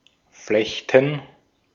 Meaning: 1. gerund of flechten 2. plural of Flechte
- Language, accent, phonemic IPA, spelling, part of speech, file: German, Austria, /ˈflɛçtən/, Flechten, noun, De-at-Flechten.ogg